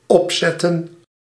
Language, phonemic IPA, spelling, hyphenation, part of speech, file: Dutch, /ˈɔpˌzɛ.tə(n)/, opzetten, op‧zet‧ten, verb, Nl-opzetten.ogg
- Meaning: 1. to set up, to install 2. to put on 3. to stuff, taxidermy